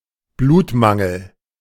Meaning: lack of blood
- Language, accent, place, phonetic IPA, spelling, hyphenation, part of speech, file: German, Germany, Berlin, [ˈbluːtˌmaŋl̩], Blutmangel, Blut‧man‧gel, noun, De-Blutmangel.ogg